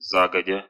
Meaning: in advance, previously, in good time
- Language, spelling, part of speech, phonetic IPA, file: Russian, загодя, adverb, [ˈzaɡədʲə], Ru-за́годя.ogg